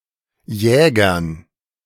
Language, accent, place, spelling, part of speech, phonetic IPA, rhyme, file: German, Germany, Berlin, Jägern, noun, [ˈjɛːɡɐn], -ɛːɡɐn, De-Jägern.ogg
- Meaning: dative plural of Jäger